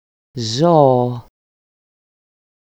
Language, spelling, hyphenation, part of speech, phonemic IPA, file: Greek, ζώο, ζώ‧ο, noun, /ˈzo.o/, EL-ζώο.ogg
- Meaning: 1. mammal 2. animal, beast, creature 3. brute, stupid (used as derogatory interjection)